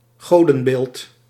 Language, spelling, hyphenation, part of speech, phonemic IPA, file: Dutch, godenbeeld, go‧den‧beeld, noun, /ˈɣoː.də(n)ˌbeːlt/, Nl-godenbeeld.ogg
- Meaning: statue or figurine of a god